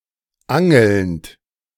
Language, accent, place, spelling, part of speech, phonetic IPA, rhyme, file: German, Germany, Berlin, angelnd, verb, [ˈaŋl̩nt], -aŋl̩nt, De-angelnd.ogg
- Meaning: present participle of angeln